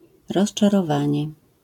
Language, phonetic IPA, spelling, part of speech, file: Polish, [ˌrɔʃt͡ʃarɔˈvãɲɛ], rozczarowanie, noun, LL-Q809 (pol)-rozczarowanie.wav